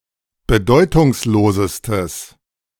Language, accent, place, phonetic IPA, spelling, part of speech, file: German, Germany, Berlin, [bəˈdɔɪ̯tʊŋsˌloːzəstəs], bedeutungslosestes, adjective, De-bedeutungslosestes.ogg
- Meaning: strong/mixed nominative/accusative neuter singular superlative degree of bedeutungslos